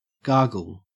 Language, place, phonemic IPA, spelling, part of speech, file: English, Queensland, /ˈɡɐːɡəl/, gargle, verb / noun, En-au-gargle.ogg
- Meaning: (verb) 1. To clean one's mouth by holding water or some other liquid in the back of the mouth and blowing air out from the lungs 2. To make a sound like the one made while gargling